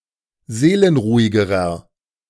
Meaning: inflection of seelenruhig: 1. strong/mixed nominative masculine singular comparative degree 2. strong genitive/dative feminine singular comparative degree 3. strong genitive plural comparative degree
- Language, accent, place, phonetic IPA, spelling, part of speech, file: German, Germany, Berlin, [ˈzeːlənˌʁuːɪɡəʁɐ], seelenruhigerer, adjective, De-seelenruhigerer.ogg